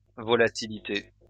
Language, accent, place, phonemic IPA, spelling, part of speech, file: French, France, Lyon, /vɔ.la.ti.li.te/, volatilité, noun, LL-Q150 (fra)-volatilité.wav
- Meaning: volatility